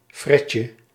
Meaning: diminutive of fret
- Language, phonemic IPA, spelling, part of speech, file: Dutch, /ˈfrɛcə/, fretje, noun, Nl-fretje.ogg